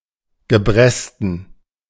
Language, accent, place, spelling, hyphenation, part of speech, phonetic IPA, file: German, Germany, Berlin, Gebresten, Ge‧bres‧ten, noun, [ɡəˈbʁɛstn̩], De-Gebresten.ogg
- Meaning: disability, infirmity (lasting physical damage)